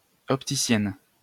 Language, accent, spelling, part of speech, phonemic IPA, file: French, France, opticienne, noun, /ɔp.ti.sjɛn/, LL-Q150 (fra)-opticienne.wav
- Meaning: female equivalent of opticien